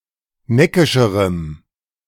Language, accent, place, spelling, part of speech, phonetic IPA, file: German, Germany, Berlin, neckischerem, adjective, [ˈnɛkɪʃəʁəm], De-neckischerem.ogg
- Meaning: strong dative masculine/neuter singular comparative degree of neckisch